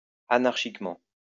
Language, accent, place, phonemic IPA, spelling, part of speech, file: French, France, Lyon, /a.naʁ.ʃik.mɑ̃/, anarchiquement, adverb, LL-Q150 (fra)-anarchiquement.wav
- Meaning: anarchically